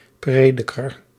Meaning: Ecclesiastes (book of the Bible)
- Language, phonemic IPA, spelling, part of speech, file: Dutch, /ˈpreː.dɪ.kər/, Prediker, proper noun, Nl-Prediker.ogg